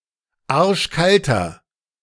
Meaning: inflection of arschkalt: 1. strong/mixed nominative masculine singular 2. strong genitive/dative feminine singular 3. strong genitive plural
- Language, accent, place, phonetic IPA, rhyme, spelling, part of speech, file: German, Germany, Berlin, [ˈaʁʃˈkaltɐ], -altɐ, arschkalter, adjective, De-arschkalter.ogg